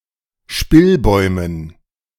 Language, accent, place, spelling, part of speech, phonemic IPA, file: German, Germany, Berlin, Spillbäumen, noun, /ˈʃpɪlˌbɔɪ̯mən/, De-Spillbäumen.ogg
- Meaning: dative plural of Spillbaum